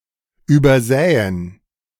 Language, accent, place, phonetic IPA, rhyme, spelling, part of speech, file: German, Germany, Berlin, [ˌyːbɐˈzɛːən], -ɛːən, übersähen, verb, De-übersähen.ogg
- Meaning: first/third-person plural subjunctive II of übersehen